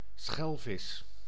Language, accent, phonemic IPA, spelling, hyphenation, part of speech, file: Dutch, Netherlands, /ˈsxɛl.vɪs/, schelvis, schel‧vis, noun, Nl-schelvis.ogg
- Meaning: 1. A haddock, a marine fish of species Melanogrammus aeglefinus 2. A rosefish, redfish, bergylt, or Norway haddock, of species Sebastes norvegicus of fishes